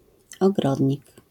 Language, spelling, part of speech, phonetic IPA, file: Polish, ogrodnik, noun, [ɔˈɡrɔdʲɲik], LL-Q809 (pol)-ogrodnik.wav